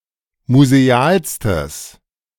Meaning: strong/mixed nominative/accusative neuter singular superlative degree of museal
- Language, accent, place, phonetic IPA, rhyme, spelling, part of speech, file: German, Germany, Berlin, [muzeˈaːlstəs], -aːlstəs, musealstes, adjective, De-musealstes.ogg